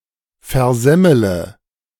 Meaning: inflection of versemmeln: 1. first-person singular present 2. first-person plural subjunctive I 3. third-person singular subjunctive I 4. singular imperative
- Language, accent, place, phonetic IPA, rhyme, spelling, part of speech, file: German, Germany, Berlin, [fɛɐ̯ˈzɛmələ], -ɛmələ, versemmele, verb, De-versemmele.ogg